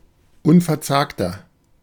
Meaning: 1. comparative degree of unverzagt 2. inflection of unverzagt: strong/mixed nominative masculine singular 3. inflection of unverzagt: strong genitive/dative feminine singular
- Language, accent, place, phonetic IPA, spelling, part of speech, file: German, Germany, Berlin, [ˈʊnfɛɐ̯ˌt͡saːktɐ], unverzagter, adjective, De-unverzagter.ogg